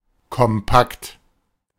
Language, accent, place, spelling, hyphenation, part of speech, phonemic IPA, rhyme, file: German, Germany, Berlin, kompakt, kom‧pakt, adjective, /kɔmˈpakt/, -akt, De-kompakt.ogg
- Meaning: compact